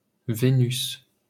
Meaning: 1. Venus (Roman goddess) 2. Venus (planet)
- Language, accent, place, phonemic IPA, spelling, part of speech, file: French, France, Paris, /ve.nys/, Vénus, proper noun, LL-Q150 (fra)-Vénus.wav